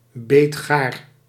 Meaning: al dente
- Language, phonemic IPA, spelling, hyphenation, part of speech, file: Dutch, /ˈbeːt.xaːr/, beetgaar, beet‧gaar, adjective, Nl-beetgaar.ogg